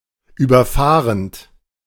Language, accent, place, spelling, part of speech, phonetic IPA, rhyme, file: German, Germany, Berlin, überfahrend, verb, [ˌyːbɐˈfaːʁənt], -aːʁənt, De-überfahrend.ogg
- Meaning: present participle of überfahren